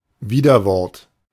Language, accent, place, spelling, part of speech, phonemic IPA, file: German, Germany, Berlin, Widerwort, noun, /ˈviːdɐˌvɔʁt/, De-Widerwort.ogg
- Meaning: 1. rebuttal 2. backtalk